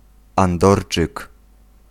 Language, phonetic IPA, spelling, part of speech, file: Polish, [ãnˈdɔrt͡ʃɨk], andorczyk, noun, Pl-andorczyk.ogg